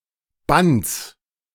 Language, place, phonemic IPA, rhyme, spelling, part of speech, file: German, Berlin, /bants/, -ants, Bands, noun, De-Bands2.ogg
- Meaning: 1. genitive singular of Band (“tie, band”) 2. genitive singular of Band (“shackle, bond”) 3. genitive singular of Band (“volume of a set of books”)